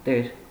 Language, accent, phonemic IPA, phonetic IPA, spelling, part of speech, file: Armenian, Eastern Armenian, /teɾ/, [teɾ], տեր, noun, Hy-տեր.ogg
- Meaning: 1. owner, proprietor 2. lord, master 3. God, the Lord; Jesus 4. father (form of address to a priest)